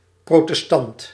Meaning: Protestant (a modern Christian denomination not belonging to the Catholic or Orthodox traditions)
- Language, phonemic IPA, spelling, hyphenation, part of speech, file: Dutch, /ˌprotəsˈtɑnt/, protestant, pro‧tes‧tant, noun / adjective, Nl-protestant.ogg